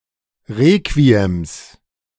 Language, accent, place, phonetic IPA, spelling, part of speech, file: German, Germany, Berlin, [ˈʁeːkviɛms], Requiems, noun, De-Requiems.ogg
- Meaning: plural of Requiem